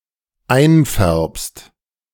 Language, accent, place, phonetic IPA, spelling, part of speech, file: German, Germany, Berlin, [ˈaɪ̯nˌfɛʁpst], einfärbst, verb, De-einfärbst.ogg
- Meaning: second-person singular dependent present of einfärben